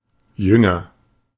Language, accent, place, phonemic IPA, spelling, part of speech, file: German, Germany, Berlin, /ˈjʏŋɐ/, jünger, adjective, De-jünger.ogg
- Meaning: comparative degree of jung